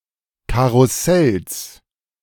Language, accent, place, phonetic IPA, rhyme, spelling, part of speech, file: German, Germany, Berlin, [ˌkaʁʊˈsɛls], -ɛls, Karussells, noun, De-Karussells.ogg
- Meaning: genitive singular of Karussell